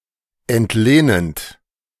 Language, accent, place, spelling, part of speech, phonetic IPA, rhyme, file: German, Germany, Berlin, entlehnend, verb, [ɛntˈleːnənt], -eːnənt, De-entlehnend.ogg
- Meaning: present participle of entlehnen